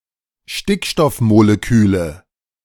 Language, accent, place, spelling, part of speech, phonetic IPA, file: German, Germany, Berlin, Stickstoffmoleküle, noun, [ˈʃtɪkʃtɔfmoleˌkyːlə], De-Stickstoffmoleküle.ogg
- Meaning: nominative/accusative/genitive plural of Stickstoffmolekül